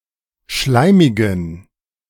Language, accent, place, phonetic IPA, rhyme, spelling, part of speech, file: German, Germany, Berlin, [ˈʃlaɪ̯mɪɡn̩], -aɪ̯mɪɡn̩, schleimigen, adjective, De-schleimigen.ogg
- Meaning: inflection of schleimig: 1. strong genitive masculine/neuter singular 2. weak/mixed genitive/dative all-gender singular 3. strong/weak/mixed accusative masculine singular 4. strong dative plural